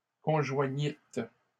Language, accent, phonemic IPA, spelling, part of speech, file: French, Canada, /kɔ̃.ʒwa.ɲit/, conjoignîtes, verb, LL-Q150 (fra)-conjoignîtes.wav
- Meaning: second-person plural past historic of conjoindre